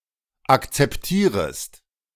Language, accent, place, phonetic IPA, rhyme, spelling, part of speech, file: German, Germany, Berlin, [ˌakt͡sɛpˈtiːʁəst], -iːʁəst, akzeptierest, verb, De-akzeptierest.ogg
- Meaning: second-person singular subjunctive I of akzeptieren